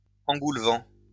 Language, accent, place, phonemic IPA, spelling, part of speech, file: French, France, Lyon, /ɑ̃.ɡul.vɑ̃/, engoulevent, noun, LL-Q150 (fra)-engoulevent.wav
- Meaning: nightjar